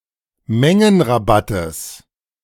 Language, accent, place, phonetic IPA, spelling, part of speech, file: German, Germany, Berlin, [ˈmɛŋənʁaˌbatəs], Mengenrabattes, noun, De-Mengenrabattes.ogg
- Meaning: genitive singular of Mengenrabatt